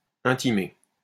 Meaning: to inform, to notify
- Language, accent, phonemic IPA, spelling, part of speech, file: French, France, /ɛ̃.ti.me/, intimer, verb, LL-Q150 (fra)-intimer.wav